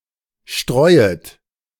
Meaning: second-person plural subjunctive I of streuen
- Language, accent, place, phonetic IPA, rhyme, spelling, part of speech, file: German, Germany, Berlin, [ˈʃtʁɔɪ̯ət], -ɔɪ̯ət, streuet, verb, De-streuet.ogg